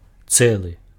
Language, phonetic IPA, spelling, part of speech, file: Belarusian, [ˈt͡sɛɫɨ], цэлы, adjective, Be-цэлы.ogg
- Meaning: entire, whole